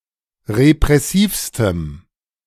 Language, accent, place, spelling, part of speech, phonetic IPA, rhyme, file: German, Germany, Berlin, repressivstem, adjective, [ʁepʁɛˈsiːfstəm], -iːfstəm, De-repressivstem.ogg
- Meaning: strong dative masculine/neuter singular superlative degree of repressiv